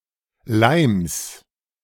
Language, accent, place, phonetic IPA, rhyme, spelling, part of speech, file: German, Germany, Berlin, [laɪ̯ms], -aɪ̯ms, Leims, noun, De-Leims.ogg
- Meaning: genitive singular of Leim